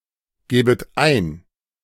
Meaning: second-person plural subjunctive II of eingeben
- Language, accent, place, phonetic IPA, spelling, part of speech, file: German, Germany, Berlin, [ˌɡɛːbət ˈaɪ̯n], gäbet ein, verb, De-gäbet ein.ogg